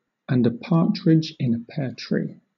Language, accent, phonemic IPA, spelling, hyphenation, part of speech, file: English, Southern England, /ænd ə ˈpɑːtɹɪd͡ʒ ɪn ə ˌpɛə ˈtɹiː/, and a partridge in a pear tree, and a par‧tridge in a pear tree, phrase, LL-Q1860 (eng)-and a partridge in a pear tree.wav
- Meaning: Used at the end of a list of items to emphasize its length